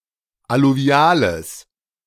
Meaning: strong/mixed nominative/accusative neuter singular of alluvial
- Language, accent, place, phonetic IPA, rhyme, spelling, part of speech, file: German, Germany, Berlin, [aluˈvi̯aːləs], -aːləs, alluviales, adjective, De-alluviales.ogg